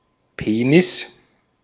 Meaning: penis
- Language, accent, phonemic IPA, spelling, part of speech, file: German, Austria, /ˈpeːnɪs/, Penis, noun, De-at-Penis.ogg